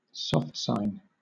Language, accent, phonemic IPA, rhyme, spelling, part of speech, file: English, Southern England, /ˌsɒftˈsaɪn/, -aɪn, soft sign, noun, LL-Q1860 (eng)-soft sign.wav
- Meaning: The Cyrillic letter Ь/ь (transliterated in English with an apostrophe (’) or prime (′)), which in modern languages using the Cyrillic alphabet serves to denote a soft (palatized) consonant